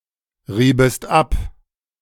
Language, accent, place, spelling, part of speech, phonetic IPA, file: German, Germany, Berlin, riebest ab, verb, [ˌʁiːbəst ˈap], De-riebest ab.ogg
- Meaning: second-person singular subjunctive II of abreiben